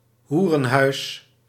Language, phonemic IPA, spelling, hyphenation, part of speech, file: Dutch, /ˈɦu.rə(n)ˌɦœy̯s/, hoerenhuis, hoe‧ren‧huis, noun, Nl-hoerenhuis.ogg
- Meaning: brothel, whorehouse